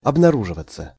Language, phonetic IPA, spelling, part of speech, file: Russian, [ɐbnɐˈruʐɨvət͡sə], обнаруживаться, verb, Ru-обнаруживаться.ogg
- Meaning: 1. to be revealed, to be discovered, to be found, to show 2. passive of обнару́живать (obnarúživatʹ)